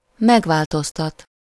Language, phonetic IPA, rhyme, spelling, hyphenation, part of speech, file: Hungarian, [ˈmɛɡvaːltostɒt], -ɒt, megváltoztat, meg‧vál‧toz‧tat, verb, Hu-megváltoztat.ogg
- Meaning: to change (to make something into something different)